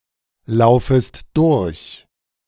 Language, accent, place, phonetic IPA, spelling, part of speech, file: German, Germany, Berlin, [ˌlaʊ̯fəst ˈdʊʁç], laufest durch, verb, De-laufest durch.ogg
- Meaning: second-person singular subjunctive I of durchlaufen